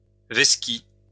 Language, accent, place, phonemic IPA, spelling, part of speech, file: French, France, Lyon, /vɛs.ki/, veski, verb, LL-Q150 (fra)-veski.wav
- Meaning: alternative spelling of vesqui